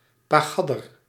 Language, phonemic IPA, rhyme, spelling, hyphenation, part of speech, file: Dutch, /ˌpaːˈɣɑ.dər/, -ɑdər, pagadder, pa‧gad‧der, noun, Nl-pagadder.ogg
- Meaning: little kid, toddler